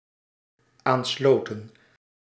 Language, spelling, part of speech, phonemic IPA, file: Dutch, aansloten, verb, /ˈanslotə(n)/, Nl-aansloten.ogg
- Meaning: inflection of aansluiten: 1. plural dependent-clause past indicative 2. plural dependent-clause past subjunctive